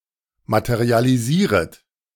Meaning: second-person plural subjunctive I of materialisieren
- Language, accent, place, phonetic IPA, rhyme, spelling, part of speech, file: German, Germany, Berlin, [ˌmatəʁialiˈziːʁət], -iːʁət, materialisieret, verb, De-materialisieret.ogg